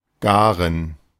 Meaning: 1. cook (prepare (food) for eating) 2. cook (become ready for eating)
- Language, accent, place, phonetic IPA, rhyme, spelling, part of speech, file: German, Germany, Berlin, [ˈɡaːʁən], -aːʁən, garen, verb / adjective, De-garen.ogg